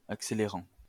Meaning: present participle of accélérer
- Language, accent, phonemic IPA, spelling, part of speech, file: French, France, /ak.se.le.ʁɑ̃/, accélérant, verb, LL-Q150 (fra)-accélérant.wav